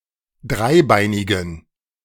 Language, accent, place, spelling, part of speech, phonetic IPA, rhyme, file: German, Germany, Berlin, dreibeinigen, adjective, [ˈdʁaɪ̯ˌbaɪ̯nɪɡn̩], -aɪ̯baɪ̯nɪɡn̩, De-dreibeinigen.ogg
- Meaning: inflection of dreibeinig: 1. strong genitive masculine/neuter singular 2. weak/mixed genitive/dative all-gender singular 3. strong/weak/mixed accusative masculine singular 4. strong dative plural